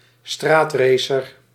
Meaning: a street racer
- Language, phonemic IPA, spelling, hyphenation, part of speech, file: Dutch, /ˈstraːtˌreː.sər/, straatracer, straat‧ra‧cer, noun, Nl-straatracer.ogg